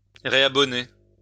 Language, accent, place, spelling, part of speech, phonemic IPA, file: French, France, Lyon, réabonner, verb, /ʁe.a.bɔ.ne/, LL-Q150 (fra)-réabonner.wav
- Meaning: resubscribe (subscribe again or renewing a subscription)